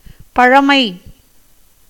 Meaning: 1. antiquity, oldness, ancientness 2. ancient history, chronicle
- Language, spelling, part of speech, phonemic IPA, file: Tamil, பழமை, noun, /pɐɻɐmɐɪ̯/, Ta-பழமை.ogg